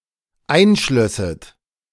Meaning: second-person plural dependent subjunctive II of einschließen
- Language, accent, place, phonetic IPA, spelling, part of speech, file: German, Germany, Berlin, [ˈaɪ̯nˌʃlœsət], einschlösset, verb, De-einschlösset.ogg